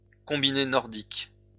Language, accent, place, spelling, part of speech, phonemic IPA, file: French, France, Lyon, combiné nordique, noun, /kɔ̃.bi.ne nɔʁ.dik/, LL-Q150 (fra)-combiné nordique.wav
- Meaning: Nordic combined